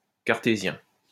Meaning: Cartesian
- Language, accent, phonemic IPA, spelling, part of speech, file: French, France, /kaʁ.te.zjɛ̃/, cartésien, adjective, LL-Q150 (fra)-cartésien.wav